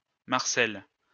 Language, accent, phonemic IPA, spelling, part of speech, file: French, France, /maʁ.sɛl/, Marcelle, proper noun, LL-Q150 (fra)-Marcelle.wav
- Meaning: a female given name, masculine equivalent Marcel, equivalent to English Marcella